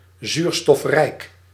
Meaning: oxygen-rich
- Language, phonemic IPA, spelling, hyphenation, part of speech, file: Dutch, /ˈzyːr.stɔfˌrɛi̯k/, zuurstofrijk, zuur‧stof‧rijk, adjective, Nl-zuurstofrijk.ogg